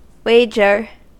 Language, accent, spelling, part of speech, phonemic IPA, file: English, US, wager, noun / verb, /ˈweɪ.d͡ʒɚ/, En-us-wager.ogg
- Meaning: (noun) 1. A bet; a stake; a pledge 2. The subject of a bet